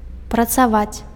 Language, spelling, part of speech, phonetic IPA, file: Belarusian, працаваць, verb, [prat͡saˈvat͡sʲ], Be-працаваць.ogg
- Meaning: 1. to work (physically or mentally) 2. to have a job